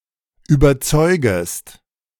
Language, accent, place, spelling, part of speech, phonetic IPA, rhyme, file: German, Germany, Berlin, überzeugest, verb, [yːbɐˈt͡sɔɪ̯ɡəst], -ɔɪ̯ɡəst, De-überzeugest.ogg
- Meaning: second-person singular subjunctive I of überzeugen